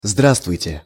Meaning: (interjection) hello; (verb) second-person plural imperfective imperative of здра́вствовать (zdrávstvovatʹ)
- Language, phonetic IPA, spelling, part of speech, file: Russian, [ˈzdrastvʊjtʲe], здравствуйте, interjection / verb, Ru-здравствуйте.ogg